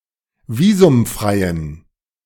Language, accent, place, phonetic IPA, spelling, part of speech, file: German, Germany, Berlin, [ˈviːzʊmˌfʁaɪ̯ən], visumfreien, adjective, De-visumfreien.ogg
- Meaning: inflection of visumfrei: 1. strong genitive masculine/neuter singular 2. weak/mixed genitive/dative all-gender singular 3. strong/weak/mixed accusative masculine singular 4. strong dative plural